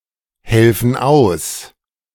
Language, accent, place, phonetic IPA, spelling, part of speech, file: German, Germany, Berlin, [ˌhɛlfn̩ ˈaʊ̯s], helfen aus, verb, De-helfen aus.ogg
- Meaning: inflection of aushelfen: 1. first/third-person plural present 2. first/third-person plural subjunctive I